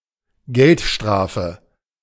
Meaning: criminal fine (payment levied for an act that constitutes a crime)
- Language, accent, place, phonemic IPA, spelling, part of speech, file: German, Germany, Berlin, /ˈɡɛltˌʃtʁaːfə/, Geldstrafe, noun, De-Geldstrafe.ogg